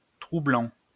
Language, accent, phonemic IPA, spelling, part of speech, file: French, France, /tʁu.blɑ̃/, troublant, verb / adjective, LL-Q150 (fra)-troublant.wav
- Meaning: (verb) present participle of troubler; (adjective) troubling, disturbing, unsettling